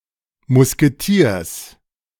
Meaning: genitive singular of Musketier
- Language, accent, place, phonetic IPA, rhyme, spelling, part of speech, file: German, Germany, Berlin, [mʊskeˈtiːɐ̯s], -iːɐ̯s, Musketiers, noun, De-Musketiers.ogg